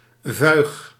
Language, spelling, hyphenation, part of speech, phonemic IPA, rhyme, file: Dutch, vuig, vuig, adjective, /vœy̯x/, -œy̯x, Nl-vuig.ogg
- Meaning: 1. despicable, reprehensible 2. inferior, lesser